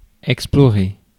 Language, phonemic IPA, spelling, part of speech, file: French, /ɛk.splɔ.ʁe/, explorer, verb, Fr-explorer.ogg
- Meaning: to explore